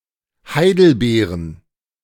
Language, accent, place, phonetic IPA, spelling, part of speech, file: German, Germany, Berlin, [ˈhaɪ̯dl̩ˌbeːʁən], Heidelbeeren, noun, De-Heidelbeeren.ogg
- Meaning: plural of Heidelbeere "blueberries"